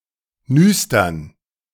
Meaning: plural of Nüster
- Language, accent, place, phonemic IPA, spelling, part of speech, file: German, Germany, Berlin, /ˈnʏstɐn/, Nüstern, noun, De-Nüstern.ogg